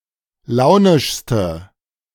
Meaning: inflection of launisch: 1. strong/mixed nominative/accusative feminine singular superlative degree 2. strong nominative/accusative plural superlative degree
- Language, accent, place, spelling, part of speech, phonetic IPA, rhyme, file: German, Germany, Berlin, launischste, adjective, [ˈlaʊ̯nɪʃstə], -aʊ̯nɪʃstə, De-launischste.ogg